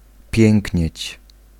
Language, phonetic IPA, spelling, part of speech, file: Polish, [ˈpʲjɛ̃ŋʲcɲɛ̇t͡ɕ], pięknieć, verb, Pl-pięknieć.ogg